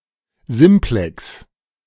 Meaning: 1. a simplex, a simple word without affixes, though in German it may have morphemes of inflection 2. a simplex (an analogue in any dimension of the triangle or tetrahedron)
- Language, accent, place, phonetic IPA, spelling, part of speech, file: German, Germany, Berlin, [ˈzɪmplɛks], Simplex, noun, De-Simplex.ogg